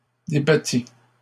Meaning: third-person singular imperfect subjunctive of débattre
- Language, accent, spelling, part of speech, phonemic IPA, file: French, Canada, débattît, verb, /de.ba.ti/, LL-Q150 (fra)-débattît.wav